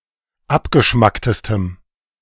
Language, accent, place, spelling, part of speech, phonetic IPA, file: German, Germany, Berlin, abgeschmacktestem, adjective, [ˈapɡəˌʃmaktəstəm], De-abgeschmacktestem.ogg
- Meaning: strong dative masculine/neuter singular superlative degree of abgeschmackt